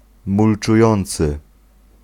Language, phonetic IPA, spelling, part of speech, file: Polish, [ˌmult͡ʃuˈjɔ̃nt͡sɨ], mulczujący, adjective / verb, Pl-mulczujący.ogg